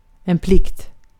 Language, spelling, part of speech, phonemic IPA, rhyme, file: Swedish, plikt, noun, /plɪkt/, -ɪkt, Sv-plikt.ogg
- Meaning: duty